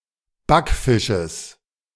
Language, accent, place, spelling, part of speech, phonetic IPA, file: German, Germany, Berlin, Backfisches, noun, [ˈbakˌfɪʃəs], De-Backfisches.ogg
- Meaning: genitive of Backfisch